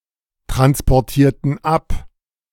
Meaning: inflection of abtransportieren: 1. first/third-person plural preterite 2. first/third-person plural subjunctive II
- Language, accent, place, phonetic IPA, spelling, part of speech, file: German, Germany, Berlin, [tʁanspɔʁˌtiːɐ̯tn̩ ˈap], transportierten ab, verb, De-transportierten ab.ogg